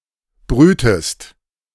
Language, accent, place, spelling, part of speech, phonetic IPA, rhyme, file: German, Germany, Berlin, brütest, verb, [ˈbʁyːtəst], -yːtəst, De-brütest.ogg
- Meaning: inflection of brüten: 1. second-person singular present 2. second-person singular subjunctive I